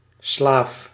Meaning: slave
- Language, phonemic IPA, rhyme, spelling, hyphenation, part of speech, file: Dutch, /slaːf/, -aːf, slaaf, slaaf, noun, Nl-slaaf.ogg